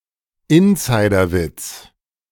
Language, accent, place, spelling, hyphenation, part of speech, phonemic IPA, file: German, Germany, Berlin, Insiderwitz, In‧si‧der‧witz, noun, /ˈɪnˌzaɪ̯dɐˌvɪt͡s/, De-Insiderwitz.ogg
- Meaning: inside joke